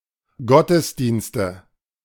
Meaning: nominative/accusative/genitive plural of Gottesdienst
- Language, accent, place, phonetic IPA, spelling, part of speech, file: German, Germany, Berlin, [ˈɡɔtəsdiːnstə], Gottesdienste, noun, De-Gottesdienste.ogg